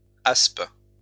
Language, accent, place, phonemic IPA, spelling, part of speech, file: French, France, Lyon, /asp/, aspe, noun, LL-Q150 (fra)-aspe.wav
- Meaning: asp (fish)